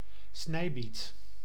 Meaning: chard (Beta vulgaris var. cicla)
- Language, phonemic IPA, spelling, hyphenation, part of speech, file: Dutch, /ˈsnɛi̯bit/, snijbiet, snij‧biet, noun, Nl-snijbiet.ogg